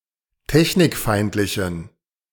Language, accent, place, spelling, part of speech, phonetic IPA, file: German, Germany, Berlin, technikfeindlichen, adjective, [ˈtɛçnɪkˌfaɪ̯ntlɪçn̩], De-technikfeindlichen.ogg
- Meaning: inflection of technikfeindlich: 1. strong genitive masculine/neuter singular 2. weak/mixed genitive/dative all-gender singular 3. strong/weak/mixed accusative masculine singular